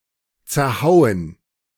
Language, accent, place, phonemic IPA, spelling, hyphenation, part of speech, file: German, Germany, Berlin, /t͡sɛɐ̯ˈhaʊ̯ən/, zerhauen, zer‧hau‧en, verb, De-zerhauen.ogg
- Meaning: 1. to beat into pieces 2. to break by beating